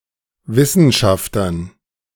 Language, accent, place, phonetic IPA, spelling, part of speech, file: German, Germany, Berlin, [ˈvɪsn̩ˌʃaftɐn], Wissenschaftern, noun, De-Wissenschaftern.ogg
- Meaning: dative plural of Wissenschafter